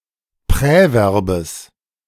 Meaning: genitive singular of Präverb
- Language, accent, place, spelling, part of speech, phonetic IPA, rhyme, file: German, Germany, Berlin, Präverbes, noun, [ˌpʁɛˈvɛʁbəs], -ɛʁbəs, De-Präverbes.ogg